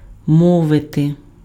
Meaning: to speak
- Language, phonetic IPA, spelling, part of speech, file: Ukrainian, [ˈmɔʋete], мовити, verb, Uk-мовити.ogg